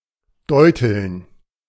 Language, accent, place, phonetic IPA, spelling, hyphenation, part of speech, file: German, Germany, Berlin, [ˈdɔytl̩n], deuteln, deu‧teln, verb, De-deuteln.ogg
- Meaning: to explain away, to interpret in a petty manner, to quibble